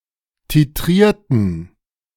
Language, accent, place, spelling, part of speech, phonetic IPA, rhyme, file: German, Germany, Berlin, titrierten, adjective / verb, [tiˈtʁiːɐ̯tn̩], -iːɐ̯tn̩, De-titrierten.ogg
- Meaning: inflection of titriert: 1. strong genitive masculine/neuter singular 2. weak/mixed genitive/dative all-gender singular 3. strong/weak/mixed accusative masculine singular 4. strong dative plural